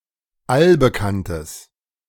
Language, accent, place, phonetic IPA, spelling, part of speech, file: German, Germany, Berlin, [ˈalbəˌkantəs], allbekanntes, adjective, De-allbekanntes.ogg
- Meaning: strong/mixed nominative/accusative neuter singular of allbekannt